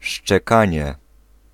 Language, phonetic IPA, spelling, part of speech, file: Polish, [ʃt͡ʃɛˈkãɲɛ], szczekanie, noun, Pl-szczekanie.ogg